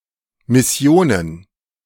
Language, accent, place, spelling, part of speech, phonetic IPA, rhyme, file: German, Germany, Berlin, Missionen, noun, [mɪˈsi̯oːnən], -oːnən, De-Missionen.ogg
- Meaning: plural of Mission